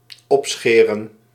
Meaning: to shave the hair on the back and/or sides of the head to a short length, leaving the hair on the crown of the head to be longer
- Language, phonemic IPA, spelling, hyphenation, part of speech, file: Dutch, /ˈɔpˌsxeː.rə(n)/, opscheren, op‧sche‧ren, verb, Nl-opscheren.ogg